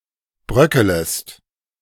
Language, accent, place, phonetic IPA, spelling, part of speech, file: German, Germany, Berlin, [ˈbʁœkələst], bröckelest, verb, De-bröckelest.ogg
- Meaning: second-person singular subjunctive I of bröckeln